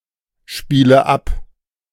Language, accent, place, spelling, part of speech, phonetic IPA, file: German, Germany, Berlin, spiele ab, verb, [ˌʃpiːlə ˈap], De-spiele ab.ogg
- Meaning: inflection of abspielen: 1. first-person singular present 2. first/third-person singular subjunctive I 3. singular imperative